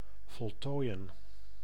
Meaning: to complete (to finish)
- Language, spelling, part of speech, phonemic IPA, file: Dutch, voltooien, verb, /vɔlˈtojə(n)/, Nl-voltooien.ogg